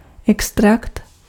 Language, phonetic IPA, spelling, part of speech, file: Czech, [ˈɛkstrakt], extrakt, noun, Cs-extrakt.ogg
- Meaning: extract (solution made by drawing out from a substance)